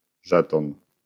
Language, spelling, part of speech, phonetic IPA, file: Polish, żeton, noun, [ˈʒɛtɔ̃n], LL-Q809 (pol)-żeton.wav